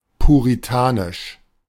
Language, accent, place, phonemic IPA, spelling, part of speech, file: German, Germany, Berlin, /puʁiˈtaːnɪʃ/, puritanisch, adjective, De-puritanisch.ogg
- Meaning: puritan, puritanical